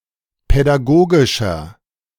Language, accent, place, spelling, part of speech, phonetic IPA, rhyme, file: German, Germany, Berlin, pädagogischer, adjective, [pɛdaˈɡoːɡɪʃɐ], -oːɡɪʃɐ, De-pädagogischer.ogg
- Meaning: 1. comparative degree of pädagogisch 2. inflection of pädagogisch: strong/mixed nominative masculine singular 3. inflection of pädagogisch: strong genitive/dative feminine singular